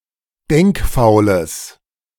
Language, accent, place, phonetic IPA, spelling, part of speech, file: German, Germany, Berlin, [ˈdɛŋkˌfaʊ̯ləs], denkfaules, adjective, De-denkfaules.ogg
- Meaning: strong/mixed nominative/accusative neuter singular of denkfaul